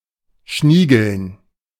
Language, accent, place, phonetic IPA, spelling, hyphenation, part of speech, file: German, Germany, Berlin, [ˈʃniːɡl̩n], schniegeln, schnie‧geln, verb, De-schniegeln.ogg
- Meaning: to spruce up